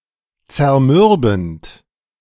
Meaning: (verb) present participle of zermürben; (adjective) grueling/gruelling, attritional
- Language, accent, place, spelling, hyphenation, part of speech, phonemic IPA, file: German, Germany, Berlin, zermürbend, zer‧mür‧bend, verb / adjective, /t͡sɛɐ̯ˈmʏʁbn̩t/, De-zermürbend.ogg